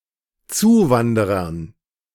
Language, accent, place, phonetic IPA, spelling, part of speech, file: German, Germany, Berlin, [ˈt͡suːˌvandəʁɐn], Zuwanderern, noun, De-Zuwanderern.ogg
- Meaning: dative plural of Zuwanderer